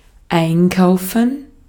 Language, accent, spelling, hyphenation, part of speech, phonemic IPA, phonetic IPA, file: German, Austria, einkaufen, ein‧kau‧fen, verb, /ˈaɪ̯nˌkaʊ̯fən/, [ˈʔaɪ̯nˌkʰaʊ̯fn̩], De-at-einkaufen.ogg
- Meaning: 1. to shop 2. to buy, to purchase